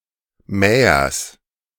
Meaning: genitive singular of Mäher
- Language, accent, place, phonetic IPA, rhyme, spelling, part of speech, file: German, Germany, Berlin, [ˈmɛːɐs], -ɛːɐs, Mähers, noun, De-Mähers.ogg